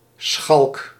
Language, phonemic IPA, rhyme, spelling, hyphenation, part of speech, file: Dutch, /sxɑlk/, -ɑlk, schalk, schalk, noun / adjective, Nl-schalk.ogg
- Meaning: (noun) 1. a scoundrel, rascal, tomboy 2. a prankster, trickster; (adjective) 1. villainous, vile 2. deceitful, deceptive 3. cheeky, playfully teasing